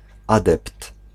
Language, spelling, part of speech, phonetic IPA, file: Polish, adept, noun, [ˈadɛpt], Pl-adept.ogg